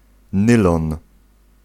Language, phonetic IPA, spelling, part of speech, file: Polish, [ˈnɨlɔ̃n], nylon, noun, Pl-nylon.ogg